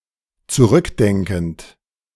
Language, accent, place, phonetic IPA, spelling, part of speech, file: German, Germany, Berlin, [t͡suˈʁʏkˌdɛŋkn̩t], zurückdenkend, verb, De-zurückdenkend.ogg
- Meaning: present participle of zurückdenken